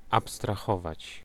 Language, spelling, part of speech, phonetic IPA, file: Polish, abstrahować, verb, [ˌapstraˈxɔvat͡ɕ], Pl-abstrahować.ogg